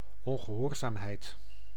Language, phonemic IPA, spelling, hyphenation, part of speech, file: Dutch, /ˌɔn.ɣəˈɦɔːr.zaːm.ɦɛi̯t/, ongehoorzaamheid, on‧ge‧hoor‧zaam‧heid, noun, Nl-ongehoorzaamheid.ogg
- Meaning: disobedience